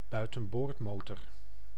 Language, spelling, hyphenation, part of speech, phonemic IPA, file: Dutch, buitenboordmotor, bui‧ten‧boord‧mo‧tor, noun, /bœy̯.tə(n)ˈboːrtˌmoː.tɔr/, Nl-buitenboordmotor.ogg
- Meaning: outboard motor, outboard engine